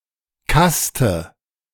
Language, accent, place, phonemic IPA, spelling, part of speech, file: German, Germany, Berlin, /ˈkastə/, Kaste, noun, De-Kaste.ogg
- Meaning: caste